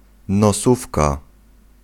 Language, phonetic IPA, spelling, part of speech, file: Polish, [nɔˈsufka], nosówka, noun, Pl-nosówka.ogg